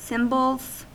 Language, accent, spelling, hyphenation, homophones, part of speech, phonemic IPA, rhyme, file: English, US, symbols, sym‧bols, cymbals, noun / verb, /ˈsɪmbəlz/, -ɪmbəlz, En-us-symbols.ogg
- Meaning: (noun) plural of symbol; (verb) third-person singular simple present indicative of symbol